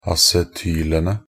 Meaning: definite plural of acetyl
- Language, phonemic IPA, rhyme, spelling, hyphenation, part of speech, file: Norwegian Bokmål, /asɛˈtyːlənə/, -ənə, acetylene, a‧ce‧ty‧le‧ne, noun, Nb-acetylene.ogg